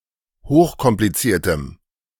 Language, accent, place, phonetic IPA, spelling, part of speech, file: German, Germany, Berlin, [ˈhoːxkɔmpliˌt͡siːɐ̯təm], hochkompliziertem, adjective, De-hochkompliziertem.ogg
- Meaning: strong dative masculine/neuter singular of hochkompliziert